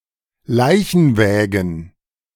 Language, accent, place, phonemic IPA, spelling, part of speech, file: German, Germany, Berlin, /ˈlaɪ̯çn̩ˌvɛːɡn̩/, Leichenwägen, noun, De-Leichenwägen.ogg
- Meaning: plural of Leichenwagen